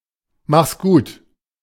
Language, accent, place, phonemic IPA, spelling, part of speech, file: German, Germany, Berlin, /maxs ɡuːt/, mach's gut, interjection, De-mach's gut.ogg
- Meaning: take care; bye-bye